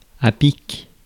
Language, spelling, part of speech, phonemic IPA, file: French, pic, noun, /pik/, Fr-pic.ogg
- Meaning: 1. woodpecker 2. pick (tool) 3. peak, summit